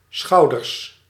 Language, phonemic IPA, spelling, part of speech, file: Dutch, /ˈsxɑudərs/, schouders, noun, Nl-schouders.ogg
- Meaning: plural of schouder